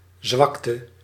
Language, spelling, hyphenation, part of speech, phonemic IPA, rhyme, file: Dutch, zwakte, zwak‧te, noun, /ˈzʋɑk.tə/, -ɑktə, Nl-zwakte.ogg
- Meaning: weakness